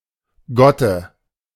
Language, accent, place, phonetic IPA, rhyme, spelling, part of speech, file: German, Germany, Berlin, [ˈɡɔtə], -ɔtə, Gotte, noun, De-Gotte.ogg
- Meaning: 1. dative singular of Gott 2. godmother